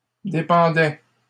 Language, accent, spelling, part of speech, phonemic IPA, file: French, Canada, dépendais, verb, /de.pɑ̃.dɛ/, LL-Q150 (fra)-dépendais.wav
- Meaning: first/second-person singular imperfect indicative of dépendre